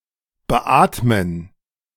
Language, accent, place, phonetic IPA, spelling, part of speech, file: German, Germany, Berlin, [bəˈʔaːtmən], beatmen, verb, De-beatmen.ogg
- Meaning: to ventilate